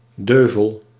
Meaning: wooden dowel, small wooden peg in woodworking used for connecting pieces of wood
- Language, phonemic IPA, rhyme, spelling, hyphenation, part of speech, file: Dutch, /ˈdøː.vəl/, -øːvəl, deuvel, deu‧vel, noun, Nl-deuvel.ogg